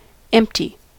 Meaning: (adjective) 1. Devoid of content; containing nothing or nobody; vacant 2. Containing no elements (as of a string, array, or set), opposed to being null (having no valid value)
- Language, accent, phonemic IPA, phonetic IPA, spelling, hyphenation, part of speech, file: English, US, /ˈɛm(p).ti/, [ˈɛm(p).tʰi], empty, emp‧ty, adjective / verb / noun, En-us-empty.ogg